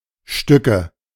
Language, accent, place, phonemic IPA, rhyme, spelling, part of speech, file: German, Germany, Berlin, /ˈʃtʏ.kə/, -ʏkə, Stücke, noun, De-Stücke.ogg
- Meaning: 1. nominative/accusative/genitive plural of Stück 2. dative singular of Stück